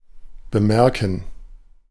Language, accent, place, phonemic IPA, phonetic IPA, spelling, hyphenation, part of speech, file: German, Germany, Berlin, /bəˈmɛʁkən/, [bəˈmɛɐ̯kŋ], bemerken, be‧mer‧ken, verb, De-bemerken.ogg
- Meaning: 1. to notice, to perceive 2. to remark, to mention, to note